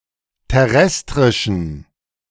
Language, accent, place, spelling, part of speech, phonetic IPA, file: German, Germany, Berlin, terrestrischen, adjective, [tɛˈʁɛstʁɪʃn̩], De-terrestrischen.ogg
- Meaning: inflection of terrestrisch: 1. strong genitive masculine/neuter singular 2. weak/mixed genitive/dative all-gender singular 3. strong/weak/mixed accusative masculine singular 4. strong dative plural